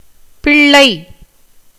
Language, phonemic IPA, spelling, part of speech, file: Tamil, /pɪɭːɐɪ̯/, பிள்ளை, noun / proper noun, Ta-பிள்ளை.ogg
- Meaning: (noun) 1. child, infant, offspring 2. son 3. daughter 4. youth, lad, boy 5. girl 6. royal child, prince 7. young of various animals